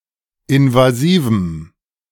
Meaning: strong dative masculine/neuter singular of invasiv
- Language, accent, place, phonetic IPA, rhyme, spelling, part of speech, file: German, Germany, Berlin, [ɪnvaˈziːvm̩], -iːvm̩, invasivem, adjective, De-invasivem.ogg